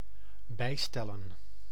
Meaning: to adjust, to adapt, to amend
- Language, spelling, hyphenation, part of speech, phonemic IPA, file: Dutch, bijstellen, bij‧stel‧len, verb, /ˈbɛi̯stɛlə(n)/, Nl-bijstellen.ogg